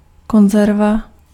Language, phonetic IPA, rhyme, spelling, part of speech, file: Czech, [ˈkonzɛrva], -ɛrva, konzerva, noun, Cs-konzerva.ogg
- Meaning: 1. tin, can 2. conservative person